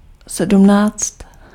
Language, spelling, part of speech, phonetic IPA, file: Czech, sedmnáct, numeral, [ˈsɛdm̩naːt͡st], Cs-sedmnáct.ogg
- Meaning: seventeen (17)